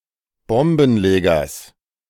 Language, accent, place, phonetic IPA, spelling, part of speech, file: German, Germany, Berlin, [ˈbɔmbn̩ˌleːɡɐs], Bombenlegers, noun, De-Bombenlegers.ogg
- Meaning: genitive of Bombenleger